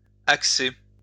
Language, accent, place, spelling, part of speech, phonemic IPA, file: French, France, Lyon, axer, verb, /ak.se/, LL-Q150 (fra)-axer.wav
- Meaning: 1. to align on an axis 2. to point, to orientate